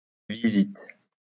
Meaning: plural of visite
- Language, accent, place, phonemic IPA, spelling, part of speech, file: French, France, Lyon, /vi.zit/, visites, noun, LL-Q150 (fra)-visites.wav